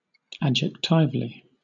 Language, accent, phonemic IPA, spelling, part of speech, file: English, Southern England, /ˌæd͡ʒɛkˈtaɪvəli/, adjectivally, adverb, LL-Q1860 (eng)-adjectivally.wav
- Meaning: As, or in the manner of, an adjective